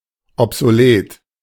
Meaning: obsolete
- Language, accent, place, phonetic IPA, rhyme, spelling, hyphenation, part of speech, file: German, Germany, Berlin, [ɔpzoˈleːt], -eːt, obsolet, ob‧so‧let, adjective, De-obsolet.ogg